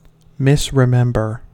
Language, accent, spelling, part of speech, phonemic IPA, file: English, US, misremember, verb, /mɪsɹɪˈmɛmbɚ/, En-us-misremember.ogg
- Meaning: To remember incorrectly